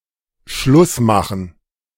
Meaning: 1. to break up (end a romantic relationship) 2. to be finished 3. to end it all, to commit suicide
- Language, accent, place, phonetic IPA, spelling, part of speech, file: German, Germany, Berlin, [ˈʃlʊs ˌmaχn̩], Schluss machen, verb, De-Schluss machen.ogg